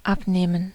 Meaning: to take off (to remove something that is attached to something or on top of it)
- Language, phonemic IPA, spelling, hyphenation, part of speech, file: German, /ˈapˌneːmən/, abnehmen, ab‧neh‧men, verb, De-abnehmen.ogg